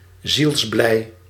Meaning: deeply happy, deeply joyous, overjoyed
- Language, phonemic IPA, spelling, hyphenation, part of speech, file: Dutch, /zilsˈblɛi̯/, zielsblij, ziels‧blij, adjective, Nl-zielsblij.ogg